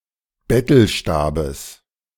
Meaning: genitive of Bettelstab
- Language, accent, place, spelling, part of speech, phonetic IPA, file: German, Germany, Berlin, Bettelstabes, noun, [ˈbɛtl̩ˌʃtaːbəs], De-Bettelstabes.ogg